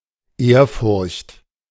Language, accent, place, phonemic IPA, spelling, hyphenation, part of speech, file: German, Germany, Berlin, /ˈeːɐ̯ˌfʊʁçt/, Ehrfurcht, Ehr‧furcht, noun, De-Ehrfurcht.ogg
- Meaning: awe, reverence